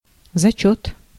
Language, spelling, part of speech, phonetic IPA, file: Russian, зачёт, noun, [zɐˈt͡ɕɵt], Ru-зачёт.ogg
- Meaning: 1. test, pretest, examination 2. setoff, offset 3. pass (of a task, test) 4. reckoning